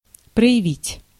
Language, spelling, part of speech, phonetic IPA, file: Russian, проявить, verb, [prə(j)ɪˈvʲitʲ], Ru-проявить.ogg
- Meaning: 1. to show, to display, to evince, to manifest, to reveal 2. to develop